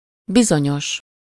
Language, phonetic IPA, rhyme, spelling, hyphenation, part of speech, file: Hungarian, [ˈbizoɲoʃ], -oʃ, bizonyos, bi‧zo‧nyos, adjective, Hu-bizonyos.ogg
- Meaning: 1. sure, certain (about something -ban/-ben) 2. construed with az (a) (“that”): particular, specific, concrete 3. construed with egy (“a/n”) or with zero article: particular, certain